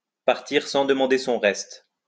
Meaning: to leave without further ado, to leave without a murmur, to take to one's heels
- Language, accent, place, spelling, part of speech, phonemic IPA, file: French, France, Lyon, partir sans demander son reste, verb, /paʁ.tiʁ sɑ̃ d(ə).mɑ̃.de sɔ̃ ʁɛst/, LL-Q150 (fra)-partir sans demander son reste.wav